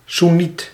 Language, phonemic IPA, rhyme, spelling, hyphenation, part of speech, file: Dutch, /suˈnit/, -it, soenniet, soen‧niet, noun, Nl-soenniet.ogg
- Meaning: a Sunni Muslim, a Sunnite